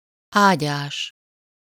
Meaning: flowerbed
- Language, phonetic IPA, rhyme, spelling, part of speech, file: Hungarian, [ˈaːɟaːʃ], -aːʃ, ágyás, noun, Hu-ágyás.ogg